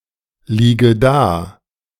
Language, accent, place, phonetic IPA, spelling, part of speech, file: German, Germany, Berlin, [ˌliːɡə ˈdaː], liege da, verb, De-liege da.ogg
- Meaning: inflection of daliegen: 1. first-person singular present 2. first/third-person singular subjunctive I 3. singular imperative